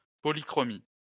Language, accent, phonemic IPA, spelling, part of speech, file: French, France, /pɔ.li.kʁɔ.mi/, polychromie, noun, LL-Q150 (fra)-polychromie.wav
- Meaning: polychromy